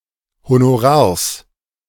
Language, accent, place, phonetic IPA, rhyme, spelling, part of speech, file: German, Germany, Berlin, [honoˈʁaːɐ̯s], -aːɐ̯s, Honorars, noun, De-Honorars.ogg
- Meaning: genitive singular of Honorar